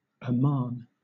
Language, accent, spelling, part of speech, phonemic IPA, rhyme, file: English, Southern England, Amman, proper noun, /əˈmɑːn/, -ɑːn, LL-Q1860 (eng)-Amman.wav
- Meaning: 1. The capital city of Jordan 2. The capital city of Jordan.: The Jordanian government 3. A governorate of Jordan around the capital